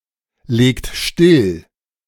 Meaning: inflection of stilllegen: 1. second-person plural present 2. third-person singular present 3. plural imperative
- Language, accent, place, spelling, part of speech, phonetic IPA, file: German, Germany, Berlin, legt still, verb, [ˌleːkt ˈʃtɪl], De-legt still.ogg